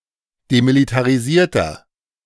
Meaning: inflection of demilitarisiert: 1. strong/mixed nominative masculine singular 2. strong genitive/dative feminine singular 3. strong genitive plural
- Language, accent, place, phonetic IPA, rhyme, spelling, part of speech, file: German, Germany, Berlin, [demilitaʁiˈziːɐ̯tɐ], -iːɐ̯tɐ, demilitarisierter, adjective, De-demilitarisierter.ogg